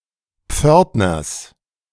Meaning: genitive singular of Pförtner
- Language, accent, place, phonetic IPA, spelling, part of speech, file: German, Germany, Berlin, [ˈp͡fœʁtnɐs], Pförtners, noun, De-Pförtners.ogg